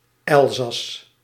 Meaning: Alsace (a cultural region, former administrative region and historical province of France; since 2016, part of the administrative region of Grand Est)
- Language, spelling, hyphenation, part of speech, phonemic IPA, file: Dutch, Elzas, El‧zas, proper noun, /ˈɛlzɑs/, Nl-Elzas.ogg